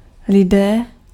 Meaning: nominative/vocative plural of člověk; people
- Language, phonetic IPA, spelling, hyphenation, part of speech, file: Czech, [ˈlɪdɛː], lidé, li‧dé, noun, Cs-lidé.ogg